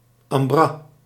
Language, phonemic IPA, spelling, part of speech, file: Dutch, /ɑmˈbrɑs/, ambras, noun, Nl-ambras.ogg